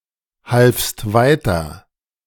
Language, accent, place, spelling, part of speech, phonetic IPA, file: German, Germany, Berlin, halfst weiter, verb, [ˌhalfst ˈvaɪ̯tɐ], De-halfst weiter.ogg
- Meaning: second-person singular preterite of weiterhelfen